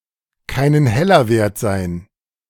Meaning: to not be worth a dime
- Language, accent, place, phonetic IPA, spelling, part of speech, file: German, Germany, Berlin, [kaɪ̯nən ˈhɛlɐ ˌveːɐ̯t zaɪ̯n], keinen Heller wert sein, phrase, De-keinen Heller wert sein.ogg